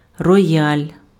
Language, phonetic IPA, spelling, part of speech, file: Ukrainian, [rɔˈjalʲ], рояль, noun, Uk-рояль.ogg
- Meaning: grand piano